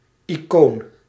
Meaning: 1. an icon (religious image of a saint) 2. an icon (small picture)
- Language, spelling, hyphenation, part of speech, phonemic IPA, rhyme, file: Dutch, icoon, icoon, noun, /iˈkoːn/, -oːn, Nl-icoon.ogg